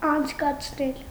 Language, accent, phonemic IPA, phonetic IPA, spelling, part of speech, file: Armenian, Eastern Armenian, /ɑnt͡sʰkɑt͡sʰˈnel/, [ɑnt͡sʰkɑt͡sʰnél], անցկացնել, verb, Hy-անցկացնել.ogg
- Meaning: 1. causative of անցկենալ (ancʻkenal) 2. to lead, convey, transfer 3. to put through, push through, pass through 4. to build, construct, lay (a road, pipe etc.) 5. to spend (time), pass